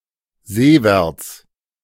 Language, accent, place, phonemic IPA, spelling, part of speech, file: German, Germany, Berlin, /ˈzeːˌvɛʁt͡s/, seewärts, adverb, De-seewärts.ogg
- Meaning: seaward